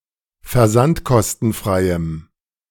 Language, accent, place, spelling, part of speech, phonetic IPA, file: German, Germany, Berlin, versandkostenfreiem, adjective, [fɛɐ̯ˈzantkɔstn̩ˌfʁaɪ̯əm], De-versandkostenfreiem.ogg
- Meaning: strong dative masculine/neuter singular of versandkostenfrei